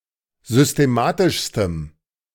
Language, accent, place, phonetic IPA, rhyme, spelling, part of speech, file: German, Germany, Berlin, [zʏsteˈmaːtɪʃstəm], -aːtɪʃstəm, systematischstem, adjective, De-systematischstem.ogg
- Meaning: strong dative masculine/neuter singular superlative degree of systematisch